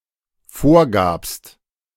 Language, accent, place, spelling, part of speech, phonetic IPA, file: German, Germany, Berlin, vorgabst, verb, [ˈfoːɐ̯ˌɡaːpst], De-vorgabst.ogg
- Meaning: second-person singular dependent preterite of vorgeben